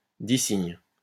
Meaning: alternative form of signe
- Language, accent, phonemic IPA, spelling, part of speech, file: French, France, /di.siɲ/, dissigne, noun, LL-Q150 (fra)-dissigne.wav